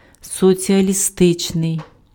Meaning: socialist, socialistic
- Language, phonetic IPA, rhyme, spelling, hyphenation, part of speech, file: Ukrainian, [sɔt͡sʲiɐlʲiˈstɪt͡ʃnei̯], -ɪt͡ʃnei̯, соціалістичний, со‧ці‧а‧лі‧сти‧чний, adjective, Uk-соціалістичний.ogg